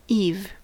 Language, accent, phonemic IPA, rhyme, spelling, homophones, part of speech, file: English, US, /iːv/, -iːv, eve, eave / Eve, noun, En-us-eve.ogg
- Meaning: 1. The day or night before, usually used for holidays, such as Christmas Eve 2. Evening, night 3. The period of time when something is just about to happen or to be introduced